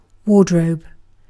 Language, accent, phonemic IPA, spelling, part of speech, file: English, UK, /ˈwɔːdɹəʊb/, wardrobe, noun / verb, En-uk-wardrobe.ogg
- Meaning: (noun) A room for keeping clothes and armor safe, particularly a dressing room or walk-in closet beside a bedroom